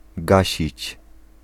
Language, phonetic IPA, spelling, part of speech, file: Polish, [ˈɡaɕit͡ɕ], gasić, verb, Pl-gasić.ogg